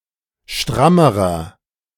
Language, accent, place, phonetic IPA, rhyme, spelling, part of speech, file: German, Germany, Berlin, [ˈʃtʁaməʁɐ], -aməʁɐ, strammerer, adjective, De-strammerer.ogg
- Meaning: inflection of stramm: 1. strong/mixed nominative masculine singular comparative degree 2. strong genitive/dative feminine singular comparative degree 3. strong genitive plural comparative degree